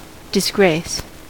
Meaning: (noun) 1. The condition of being out of favor; loss of favor, regard, or respect 2. The state of being dishonored, or covered with shame
- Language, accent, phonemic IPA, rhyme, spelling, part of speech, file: English, US, /dɪsˈɡɹeɪs/, -eɪs, disgrace, noun / verb, En-us-disgrace.ogg